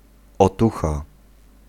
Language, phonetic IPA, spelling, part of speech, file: Polish, [ɔˈtuxa], otucha, noun, Pl-otucha.ogg